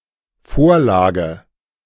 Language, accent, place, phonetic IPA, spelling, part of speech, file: German, Germany, Berlin, [ˈfoːɐ̯ˌlaːɡə], Vorlage, noun, De-Vorlage.ogg